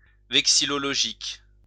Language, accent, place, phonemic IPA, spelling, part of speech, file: French, France, Lyon, /vɛk.si.lɔ.lɔ.ʒik/, vexillologique, adjective, LL-Q150 (fra)-vexillologique.wav
- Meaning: vexillological